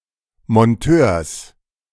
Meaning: genitive singular of Monteur
- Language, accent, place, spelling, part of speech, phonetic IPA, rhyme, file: German, Germany, Berlin, Monteurs, noun, [mɔnˈtøːɐ̯s], -øːɐ̯s, De-Monteurs.ogg